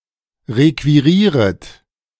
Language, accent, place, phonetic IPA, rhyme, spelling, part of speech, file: German, Germany, Berlin, [ˌʁekviˈʁiːʁət], -iːʁət, requirieret, verb, De-requirieret.ogg
- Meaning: second-person plural subjunctive I of requirieren